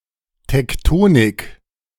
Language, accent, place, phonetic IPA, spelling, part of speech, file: German, Germany, Berlin, [tɛkˈtoːnɪk], Tektonik, noun, De-Tektonik.ogg
- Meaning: tectonics